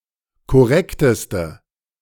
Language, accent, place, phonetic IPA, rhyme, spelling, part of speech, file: German, Germany, Berlin, [kɔˈʁɛktəstə], -ɛktəstə, korrekteste, adjective, De-korrekteste.ogg
- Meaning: inflection of korrekt: 1. strong/mixed nominative/accusative feminine singular superlative degree 2. strong nominative/accusative plural superlative degree